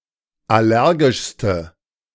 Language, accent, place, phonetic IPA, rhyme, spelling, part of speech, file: German, Germany, Berlin, [ˌaˈlɛʁɡɪʃstə], -ɛʁɡɪʃstə, allergischste, adjective, De-allergischste.ogg
- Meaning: inflection of allergisch: 1. strong/mixed nominative/accusative feminine singular superlative degree 2. strong nominative/accusative plural superlative degree